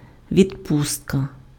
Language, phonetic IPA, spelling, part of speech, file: Ukrainian, [ʋʲidˈpustkɐ], відпустка, noun, Uk-відпустка.ogg
- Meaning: 1. leave, leave of absence, furlough (period of time during which a person is absent from work or other duty) 2. vacation, holiday (period of absence from work for rest or recreation)